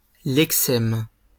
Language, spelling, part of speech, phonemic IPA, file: French, lexème, noun, /lɛk.sɛm/, LL-Q150 (fra)-lexème.wav
- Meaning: lexeme